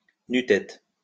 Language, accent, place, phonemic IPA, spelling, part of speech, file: French, France, Lyon, /ny.tɛt/, nu-tête, adjective, LL-Q150 (fra)-nu-tête.wav
- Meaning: bareheaded